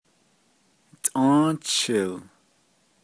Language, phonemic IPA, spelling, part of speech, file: Navajo, /tʼɑ̃́ːt͡ʃʰɪ̀l/, Tʼą́ą́chil, noun, Nv-Tʼą́ą́chil.ogg
- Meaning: April